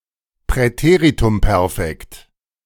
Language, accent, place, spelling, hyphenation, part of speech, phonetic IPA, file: German, Germany, Berlin, Präteritumperfekt, Prä‧te‧r‧i‧tum‧per‧fekt, noun, [pʁɛˈteːʁitʊmˌpɛʁfɛkt], De-Präteritumperfekt.ogg
- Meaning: pluperfect